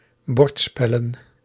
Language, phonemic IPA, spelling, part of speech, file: Dutch, /ˈbɔrtspɛlə(n)/, bordspellen, noun, Nl-bordspellen.ogg
- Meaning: plural of bordspel